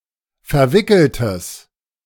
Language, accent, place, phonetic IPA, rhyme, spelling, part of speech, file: German, Germany, Berlin, [fɛɐ̯ˈvɪkl̩təs], -ɪkl̩təs, verwickeltes, adjective, De-verwickeltes.ogg
- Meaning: strong/mixed nominative/accusative neuter singular of verwickelt